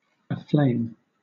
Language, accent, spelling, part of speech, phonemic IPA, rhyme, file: English, Southern England, aflame, adverb / adjective / verb, /əˈfleɪm/, -eɪm, LL-Q1860 (eng)-aflame.wav
- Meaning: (adverb) 1. Often preceded by set: in or into flames; so as to be burned by fire 2. Often preceded by set.: In or into a colour like that of a flame